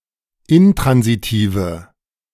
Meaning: inflection of intransitiv: 1. strong/mixed nominative/accusative feminine singular 2. strong nominative/accusative plural 3. weak nominative all-gender singular
- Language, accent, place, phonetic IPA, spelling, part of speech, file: German, Germany, Berlin, [ˈɪntʁanziˌtiːvə], intransitive, adjective, De-intransitive.ogg